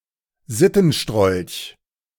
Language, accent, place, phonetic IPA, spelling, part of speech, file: German, Germany, Berlin, [ˈzɪtn̩ˌʃtʁɔlç], Sittenstrolch, noun, De-Sittenstrolch.ogg
- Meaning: someone who regularly shows lewd behaviour